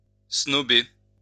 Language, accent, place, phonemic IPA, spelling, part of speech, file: French, France, Lyon, /snɔ.be/, snober, verb, LL-Q150 (fra)-snober.wav
- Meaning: 1. to snub, high-hat, disregard someone 2. to refuse, ignore, disdain a favor, an honor